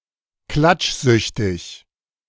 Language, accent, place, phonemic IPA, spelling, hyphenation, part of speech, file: German, Germany, Berlin, /ˈklat͡ʃˌzʏçtɪç/, klatschsüchtig, klatsch‧süch‧tig, adjective, De-klatschsüchtig.ogg
- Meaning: gossipy